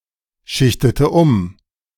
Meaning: inflection of umschichten: 1. first/third-person singular preterite 2. first/third-person singular subjunctive II
- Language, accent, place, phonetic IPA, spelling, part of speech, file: German, Germany, Berlin, [ˌʃɪçtətə ˈʊm], schichtete um, verb, De-schichtete um.ogg